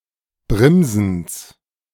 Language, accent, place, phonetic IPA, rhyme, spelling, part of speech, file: German, Germany, Berlin, [ˈbʁɪmzn̩s], -ɪmzn̩s, Brimsens, noun, De-Brimsens.ogg
- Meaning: genitive singular of Brimsen